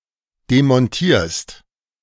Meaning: second-person singular present of demontieren
- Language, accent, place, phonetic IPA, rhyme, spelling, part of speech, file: German, Germany, Berlin, [demɔnˈtiːɐ̯st], -iːɐ̯st, demontierst, verb, De-demontierst.ogg